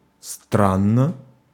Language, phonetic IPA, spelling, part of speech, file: Russian, [ˈstranːə], странно, adverb / adjective, Ru-странно.ogg
- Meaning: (adverb) strangely, strange, funnily, curiously, oddly, peculiarly; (adjective) short neuter singular of стра́нный (stránnyj, “strange, odd”)